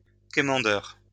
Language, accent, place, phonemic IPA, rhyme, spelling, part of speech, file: French, France, Lyon, /ke.mɑ̃.dœʁ/, -œʁ, quémandeur, noun, LL-Q150 (fra)-quémandeur.wav
- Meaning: 1. beggar 2. supplicant